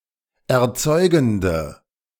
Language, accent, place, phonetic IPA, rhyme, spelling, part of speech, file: German, Germany, Berlin, [ɛɐ̯ˈt͡sɔɪ̯ɡn̩də], -ɔɪ̯ɡn̩də, erzeugende, adjective, De-erzeugende.ogg
- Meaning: inflection of erzeugend: 1. strong/mixed nominative/accusative feminine singular 2. strong nominative/accusative plural 3. weak nominative all-gender singular